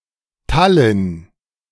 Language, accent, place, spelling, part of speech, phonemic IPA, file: German, Germany, Berlin, Tallinn, proper noun, /ˈtalɪn/, De-Tallinn.ogg
- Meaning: Tallinn (the capital city of Estonia)